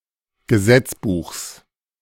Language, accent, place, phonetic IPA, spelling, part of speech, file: German, Germany, Berlin, [ɡəˈzɛt͡sˌbuːxs], Gesetzbuchs, noun, De-Gesetzbuchs.ogg
- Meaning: genitive singular of Gesetzbuch